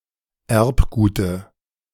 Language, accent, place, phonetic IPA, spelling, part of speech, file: German, Germany, Berlin, [ˈɛʁpˌɡuːtə], Erbgute, noun, De-Erbgute.ogg
- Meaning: dative singular of Erbgut